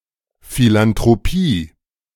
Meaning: philanthropy
- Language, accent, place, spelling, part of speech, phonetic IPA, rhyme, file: German, Germany, Berlin, Philanthropie, noun, [filantʁoˈpiː], -iː, De-Philanthropie.ogg